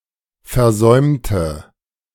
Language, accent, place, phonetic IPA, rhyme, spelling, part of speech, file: German, Germany, Berlin, [fɛɐ̯ˈzɔɪ̯mtə], -ɔɪ̯mtə, versäumte, adjective / verb, De-versäumte.ogg
- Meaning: inflection of versäumen: 1. first/third-person singular preterite 2. first/third-person singular subjunctive II